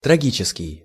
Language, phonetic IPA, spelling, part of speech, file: Russian, [trɐˈɡʲit͡ɕɪskʲɪj], трагический, adjective, Ru-трагический.ogg
- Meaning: tragic